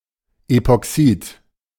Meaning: epoxide
- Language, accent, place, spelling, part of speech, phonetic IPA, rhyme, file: German, Germany, Berlin, Epoxid, noun, [epɔˈksiːt], -iːt, De-Epoxid.ogg